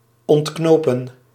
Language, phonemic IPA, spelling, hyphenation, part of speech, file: Dutch, /ˌɔntˈknoː.pə(n)/, ontknopen, ont‧kno‧pen, verb, Nl-ontknopen.ogg
- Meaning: to unbutton